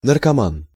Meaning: drug addict
- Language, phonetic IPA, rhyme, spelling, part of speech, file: Russian, [nərkɐˈman], -an, наркоман, noun, Ru-наркоман.ogg